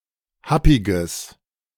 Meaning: strong/mixed nominative/accusative neuter singular of happig
- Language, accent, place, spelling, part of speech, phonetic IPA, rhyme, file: German, Germany, Berlin, happiges, adjective, [ˈhapɪɡəs], -apɪɡəs, De-happiges.ogg